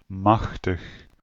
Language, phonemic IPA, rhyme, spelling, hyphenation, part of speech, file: Dutch, /ˈmɑx.təx/, -ɑxtəx, machtig, mach‧tig, adjective / adverb / verb, Nl-machtig.ogg
- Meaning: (adjective) 1. powerful (having or capable of exerting power potency or influence) 2. heavy; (adverb) 1. powerfully 2. mighty, very